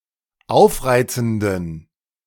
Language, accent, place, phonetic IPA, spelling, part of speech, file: German, Germany, Berlin, [ˈaʊ̯fˌʁaɪ̯t͡sn̩dən], aufreizenden, adjective, De-aufreizenden.ogg
- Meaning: inflection of aufreizend: 1. strong genitive masculine/neuter singular 2. weak/mixed genitive/dative all-gender singular 3. strong/weak/mixed accusative masculine singular 4. strong dative plural